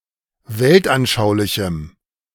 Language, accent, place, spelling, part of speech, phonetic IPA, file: German, Germany, Berlin, weltanschaulichem, adjective, [ˈveltʔanˌʃaʊ̯lɪçm̩], De-weltanschaulichem.ogg
- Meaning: strong dative masculine/neuter singular of weltanschaulich